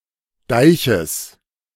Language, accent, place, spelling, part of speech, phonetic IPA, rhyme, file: German, Germany, Berlin, Deiches, noun, [ˈdaɪ̯çəs], -aɪ̯çəs, De-Deiches.ogg
- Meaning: genitive singular of Deich